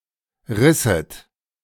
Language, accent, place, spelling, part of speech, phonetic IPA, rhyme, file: German, Germany, Berlin, risset, verb, [ˈʁɪsət], -ɪsət, De-risset.ogg
- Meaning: second-person plural subjunctive II of reißen